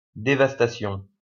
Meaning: devastation, destruction
- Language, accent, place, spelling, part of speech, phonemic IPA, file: French, France, Lyon, dévastation, noun, /de.vas.ta.sjɔ̃/, LL-Q150 (fra)-dévastation.wav